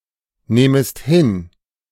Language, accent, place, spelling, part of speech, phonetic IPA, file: German, Germany, Berlin, nehmest hin, verb, [ˌneːməst ˈhɪn], De-nehmest hin.ogg
- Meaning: second-person singular subjunctive I of hinnehmen